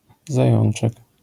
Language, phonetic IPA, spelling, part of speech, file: Polish, [zaˈjɔ̃n͇t͡ʃɛk], zajączek, noun, LL-Q809 (pol)-zajączek.wav